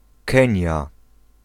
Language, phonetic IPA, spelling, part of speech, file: Polish, [ˈkɛ̃ɲja], Kenia, proper noun, Pl-Kenia.ogg